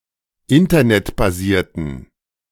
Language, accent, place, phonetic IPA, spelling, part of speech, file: German, Germany, Berlin, [ˈɪntɐnɛtbaˌziːɐ̯tn̩], internetbasierten, adjective, De-internetbasierten.ogg
- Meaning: inflection of internetbasiert: 1. strong genitive masculine/neuter singular 2. weak/mixed genitive/dative all-gender singular 3. strong/weak/mixed accusative masculine singular 4. strong dative plural